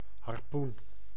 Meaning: 1. a harpoon, short spearlike weapon with a barbed head thrown at the target, of various sizes and types, e.g. used for whaling 2. some similar weapons 3. a figure representing a harpoon
- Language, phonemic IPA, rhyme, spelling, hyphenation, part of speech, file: Dutch, /ɦɑrˈpun/, -un, harpoen, har‧poen, noun, Nl-harpoen.ogg